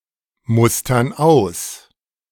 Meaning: inflection of ausmustern: 1. first/third-person plural present 2. first/third-person plural subjunctive I
- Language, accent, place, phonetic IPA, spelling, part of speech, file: German, Germany, Berlin, [ˌmʊstɐn ˈaʊ̯s], mustern aus, verb, De-mustern aus.ogg